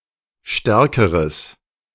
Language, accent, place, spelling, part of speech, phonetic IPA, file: German, Germany, Berlin, stärkeres, adjective, [ˈʃtɛʁkəʁəs], De-stärkeres.ogg
- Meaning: strong/mixed nominative/accusative neuter singular comparative degree of stark